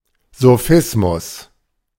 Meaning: sophism
- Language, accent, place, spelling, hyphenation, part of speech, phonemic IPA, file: German, Germany, Berlin, Sophismus, So‧phis‧mus, noun, /zoˈfɪsmʊs/, De-Sophismus.ogg